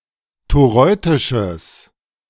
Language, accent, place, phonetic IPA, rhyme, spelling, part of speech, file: German, Germany, Berlin, [toˈʁɔɪ̯tɪʃəs], -ɔɪ̯tɪʃəs, toreutisches, adjective, De-toreutisches.ogg
- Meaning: strong/mixed nominative/accusative neuter singular of toreutisch